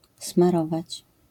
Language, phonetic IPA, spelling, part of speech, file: Polish, [smaˈrɔvat͡ɕ], smarować, verb, LL-Q809 (pol)-smarować.wav